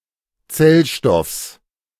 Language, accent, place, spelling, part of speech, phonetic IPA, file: German, Germany, Berlin, Zellstoffs, noun, [ˈt͡sɛlˌʃtɔfs], De-Zellstoffs.ogg
- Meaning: genitive of Zellstoff